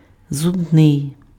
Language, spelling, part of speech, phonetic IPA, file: Ukrainian, зубний, adjective, [zʊbˈnɪi̯], Uk-зубний.ogg
- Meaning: tooth (attributive), dental (pertaining to teeth)